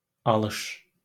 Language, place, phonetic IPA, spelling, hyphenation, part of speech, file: Azerbaijani, Baku, [ɑˈɫɯʃ], alış, a‧lış, noun, LL-Q9292 (aze)-alış.wav
- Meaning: 1. purchase 2. reception, receiving